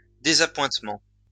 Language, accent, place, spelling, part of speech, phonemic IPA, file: French, France, Lyon, désappointement, noun, /de.za.pwɛ̃t.mɑ̃/, LL-Q150 (fra)-désappointement.wav
- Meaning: disappointment